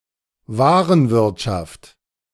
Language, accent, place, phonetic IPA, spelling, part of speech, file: German, Germany, Berlin, [ˈvaːʁənˌvɪʁtʃaft], Warenwirtschaft, noun, De-Warenwirtschaft.ogg
- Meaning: enterprise resource planning (ERP), merchandise management